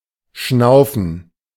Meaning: 1. to snort, to pant (to breathe loudly) 2. to breathe (in general)
- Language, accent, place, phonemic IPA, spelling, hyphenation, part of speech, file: German, Germany, Berlin, /ˈʃnaʊ̯fən/, schnaufen, schnau‧fen, verb, De-schnaufen.ogg